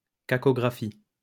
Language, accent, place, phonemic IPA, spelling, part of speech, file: French, France, Lyon, /ka.kɔ.ɡʁa.fi/, cacographie, noun, LL-Q150 (fra)-cacographie.wav
- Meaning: cacography